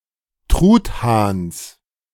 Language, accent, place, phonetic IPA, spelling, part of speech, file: German, Germany, Berlin, [ˈtʁuːtˌhaːns], Truthahns, noun, De-Truthahns.ogg
- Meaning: genitive singular of Truthahn